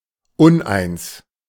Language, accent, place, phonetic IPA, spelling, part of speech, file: German, Germany, Berlin, [ˈʊnʔaɪ̯ns], uneins, adjective, De-uneins.ogg
- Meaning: divided